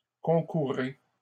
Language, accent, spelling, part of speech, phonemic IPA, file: French, Canada, concourez, verb, /kɔ̃.ku.ʁe/, LL-Q150 (fra)-concourez.wav
- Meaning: inflection of concourir: 1. second-person plural present indicative 2. second-person plural imperative